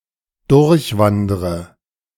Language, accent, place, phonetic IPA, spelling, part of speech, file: German, Germany, Berlin, [ˈdʊʁçˌvandʁə], durchwandre, verb, De-durchwandre.ogg
- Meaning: inflection of durchwandern: 1. first-person singular present 2. first/third-person singular subjunctive I 3. singular imperative